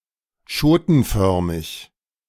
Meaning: podlike
- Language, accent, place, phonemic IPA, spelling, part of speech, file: German, Germany, Berlin, /ˈʃoːtn̩ˌfœʁmɪç/, schotenförmig, adjective, De-schotenförmig.ogg